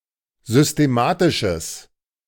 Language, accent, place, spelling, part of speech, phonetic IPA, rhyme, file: German, Germany, Berlin, systematisches, adjective, [zʏsteˈmaːtɪʃəs], -aːtɪʃəs, De-systematisches.ogg
- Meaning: strong/mixed nominative/accusative neuter singular of systematisch